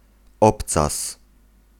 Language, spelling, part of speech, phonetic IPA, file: Polish, obcas, noun, [ˈɔpt͡sas], Pl-obcas.ogg